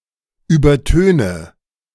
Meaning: inflection of übertönen: 1. first-person singular present 2. first/third-person singular subjunctive I 3. singular imperative
- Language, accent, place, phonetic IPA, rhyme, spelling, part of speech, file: German, Germany, Berlin, [ˌyːbɐˈtøːnə], -øːnə, übertöne, verb, De-übertöne.ogg